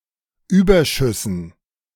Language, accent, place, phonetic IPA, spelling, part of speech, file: German, Germany, Berlin, [ˈyːbɐˌʃʏsn̩], Überschüssen, noun, De-Überschüssen.ogg
- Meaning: dative plural of Überschuss